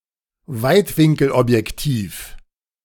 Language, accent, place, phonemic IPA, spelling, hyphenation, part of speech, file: German, Germany, Berlin, /ˈvaɪ̯tvɪŋkl̩ʔɔpjɛkˌtiːf/, Weitwinkelobjektiv, Weit‧win‧kel‧ob‧jek‧tiv, noun, De-Weitwinkelobjektiv.ogg
- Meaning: wide-angle lens